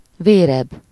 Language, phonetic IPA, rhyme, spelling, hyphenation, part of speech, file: Hungarian, [ˈveːrɛb], -ɛb, véreb, vér‧eb, noun, Hu-véreb.ogg
- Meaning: bloodhound